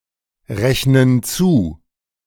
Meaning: inflection of zurechnen: 1. first/third-person plural present 2. first/third-person plural subjunctive I
- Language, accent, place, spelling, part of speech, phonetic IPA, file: German, Germany, Berlin, rechnen zu, verb, [ˌʁɛçnən ˈt͡suː], De-rechnen zu.ogg